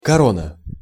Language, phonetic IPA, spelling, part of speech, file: Russian, [kɐˈronə], корона, noun, Ru-корона.ogg
- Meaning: 1. crown (royal, imperial or princely headdress) 2. monarchy 3. corona 4. crown (prize, title) 5. clipping of коронави́рус (koronavírus, “coronavirus”): corona